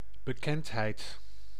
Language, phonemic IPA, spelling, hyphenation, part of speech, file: Dutch, /bəˈkɛntˌɦɛi̯t/, bekendheid, be‧kend‧heid, noun, Nl-bekendheid.ogg
- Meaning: 1. familiarity, acquaintance, knowledge 2. fame, name 3. someone famous, a celebrity